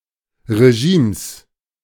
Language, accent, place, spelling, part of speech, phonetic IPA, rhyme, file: German, Germany, Berlin, Regimes, noun, [ʁeˈʒiːms], -iːms, De-Regimes.ogg
- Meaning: 1. genitive singular of Regime 2. plural of Regime